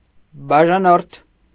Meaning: subscriber
- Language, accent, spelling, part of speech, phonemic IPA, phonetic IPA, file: Armenian, Eastern Armenian, բաժանորդ, noun, /bɑʒɑˈnoɾtʰ/, [bɑʒɑnóɾtʰ], Hy-բաժանորդ.ogg